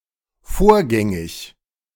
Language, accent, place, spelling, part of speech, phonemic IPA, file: German, Germany, Berlin, vorgängig, adjective, /ˈfoːɐ̯ˌɡɛŋɪç/, De-vorgängig.ogg
- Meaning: previous, antecedent